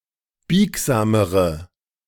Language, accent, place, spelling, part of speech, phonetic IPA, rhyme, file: German, Germany, Berlin, biegsamere, adjective, [ˈbiːkzaːməʁə], -iːkzaːməʁə, De-biegsamere.ogg
- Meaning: inflection of biegsam: 1. strong/mixed nominative/accusative feminine singular comparative degree 2. strong nominative/accusative plural comparative degree